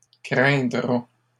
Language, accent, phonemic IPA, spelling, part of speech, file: French, Canada, /kʁɛ̃.dʁa/, craindra, verb, LL-Q150 (fra)-craindra.wav
- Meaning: third-person singular future of craindre